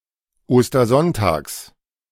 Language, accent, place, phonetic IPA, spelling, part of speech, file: German, Germany, Berlin, [ˌoːstɐˈzɔntaːks], Ostersonntags, noun, De-Ostersonntags.ogg
- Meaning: genitive singular of Ostersonntag